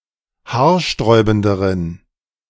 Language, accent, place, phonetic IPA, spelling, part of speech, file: German, Germany, Berlin, [ˈhaːɐ̯ˌʃtʁɔɪ̯bn̩dəʁən], haarsträubenderen, adjective, De-haarsträubenderen.ogg
- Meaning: inflection of haarsträubend: 1. strong genitive masculine/neuter singular comparative degree 2. weak/mixed genitive/dative all-gender singular comparative degree